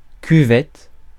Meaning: 1. basin, bowl; washbowl 2. basin, washbasin (in bathroom) 3. pan (of toilet) 4. dish 5. basin
- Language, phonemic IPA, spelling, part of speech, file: French, /ky.vɛt/, cuvette, noun, Fr-cuvette.ogg